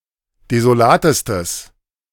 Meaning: strong/mixed nominative/accusative neuter singular superlative degree of desolat
- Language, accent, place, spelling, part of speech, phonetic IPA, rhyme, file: German, Germany, Berlin, desolatestes, adjective, [dezoˈlaːtəstəs], -aːtəstəs, De-desolatestes.ogg